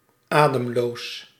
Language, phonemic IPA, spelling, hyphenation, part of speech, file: Dutch, /ˈaː.dəmˌloːs/, ademloos, adem‧loos, adjective, Nl-ademloos.ogg
- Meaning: breathless, out of breath